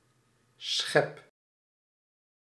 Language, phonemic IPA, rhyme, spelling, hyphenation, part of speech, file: Dutch, /sxɛp/, -ɛp, schep, schep, noun / verb, Nl-schep.ogg
- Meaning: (noun) scoop, shovel; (verb) inflection of scheppen: 1. first-person singular present indicative 2. second-person singular present indicative 3. imperative